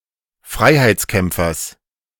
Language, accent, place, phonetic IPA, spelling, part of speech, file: German, Germany, Berlin, [ˈfʁaɪ̯haɪ̯t͡sˌkɛmp͡fɐs], Freiheitskämpfers, noun, De-Freiheitskämpfers.ogg
- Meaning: genitive singular of Freiheitskämpfer